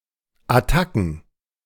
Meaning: plural of Attacke
- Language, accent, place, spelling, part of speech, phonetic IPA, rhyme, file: German, Germany, Berlin, Attacken, noun, [aˈtakn̩], -akn̩, De-Attacken.ogg